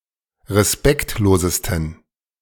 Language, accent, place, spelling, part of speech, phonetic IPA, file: German, Germany, Berlin, respektlosesten, adjective, [ʁeˈspɛktloːzəstn̩], De-respektlosesten.ogg
- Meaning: 1. superlative degree of respektlos 2. inflection of respektlos: strong genitive masculine/neuter singular superlative degree